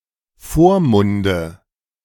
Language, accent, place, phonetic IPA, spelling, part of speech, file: German, Germany, Berlin, [ˈfoːɐ̯ˌmʊndə], Vormunde, noun, De-Vormunde.ogg
- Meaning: nominative/accusative/genitive plural of Vormund